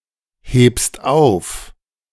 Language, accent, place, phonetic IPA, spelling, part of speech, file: German, Germany, Berlin, [ˌheːpst ˈaʊ̯f], hebst auf, verb, De-hebst auf.ogg
- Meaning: second-person singular present of aufheben